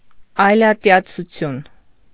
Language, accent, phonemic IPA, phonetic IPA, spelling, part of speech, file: Armenian, Eastern Armenian, /ɑjlɑtjɑt͡sʰuˈtʰjun/, [ɑjlɑtjɑt͡sʰut͡sʰjún], այլատյացություն, noun, Hy-այլատյացություն.ogg
- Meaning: xenophobia